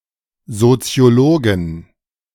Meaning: 1. genitive singular of Soziologe 2. plural of Soziologe
- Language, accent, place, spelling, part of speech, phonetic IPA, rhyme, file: German, Germany, Berlin, Soziologen, noun, [zot͡si̯oˈloːɡn̩], -oːɡn̩, De-Soziologen.ogg